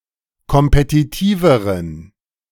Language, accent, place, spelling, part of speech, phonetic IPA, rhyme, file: German, Germany, Berlin, kompetitiveren, adjective, [kɔmpetiˈtiːvəʁən], -iːvəʁən, De-kompetitiveren.ogg
- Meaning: inflection of kompetitiv: 1. strong genitive masculine/neuter singular comparative degree 2. weak/mixed genitive/dative all-gender singular comparative degree